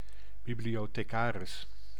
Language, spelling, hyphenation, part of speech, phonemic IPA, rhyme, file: Dutch, bibliothecaris, bi‧blio‧the‧ca‧ris, noun, /ˌbi.bli.oː.teːˈkaː.rɪs/, -aːrɪs, Nl-bibliothecaris.ogg
- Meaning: librarian